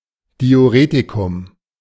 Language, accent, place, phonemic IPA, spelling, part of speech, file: German, Germany, Berlin, /di̯uˈreːtikʊm/, Diuretikum, noun, De-Diuretikum.ogg
- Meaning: diuretic